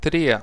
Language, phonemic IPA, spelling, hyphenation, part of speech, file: Greek, /ˈtɾi.a/, τρία, τρί‧α, numeral, El-τρία.ogg
- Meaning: three